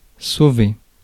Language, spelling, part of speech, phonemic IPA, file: French, sauver, verb, /so.ve/, Fr-sauver.ogg
- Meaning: 1. to save, rescue; to protect 2. to save 3. to escape, run away 4. to save (conserve, prevent the wasting of)